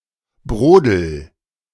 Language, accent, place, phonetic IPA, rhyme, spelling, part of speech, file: German, Germany, Berlin, [ˈbʁoːdl̩], -oːdl̩, brodel, verb, De-brodel.ogg
- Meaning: inflection of brodeln: 1. first-person singular present 2. singular imperative